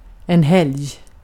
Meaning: 1. holiday 2. weekend: Saturday and Sunday 3. weekend: Friday afternoon (after work) to Sunday
- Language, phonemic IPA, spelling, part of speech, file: Swedish, /hɛlj/, helg, noun, Sv-helg.ogg